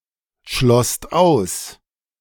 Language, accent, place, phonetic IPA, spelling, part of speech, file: German, Germany, Berlin, [ˌʃlɔst ˈaʊ̯s], schlosst aus, verb, De-schlosst aus.ogg
- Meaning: second-person singular/plural preterite of ausschließen